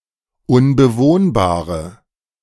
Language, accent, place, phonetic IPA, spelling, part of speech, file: German, Germany, Berlin, [ʊnbəˈvoːnbaːʁə], unbewohnbare, adjective, De-unbewohnbare.ogg
- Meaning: inflection of unbewohnbar: 1. strong/mixed nominative/accusative feminine singular 2. strong nominative/accusative plural 3. weak nominative all-gender singular